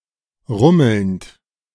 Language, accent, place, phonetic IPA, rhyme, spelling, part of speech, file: German, Germany, Berlin, [ˈʁʊml̩nt], -ʊml̩nt, rummelnd, verb, De-rummelnd.ogg
- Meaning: present participle of rummeln